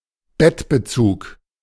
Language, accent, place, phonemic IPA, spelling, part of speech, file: German, Germany, Berlin, /ˈbɛtbəˌt͡suːk/, Bettbezug, noun, De-Bettbezug.ogg
- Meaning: duvet cover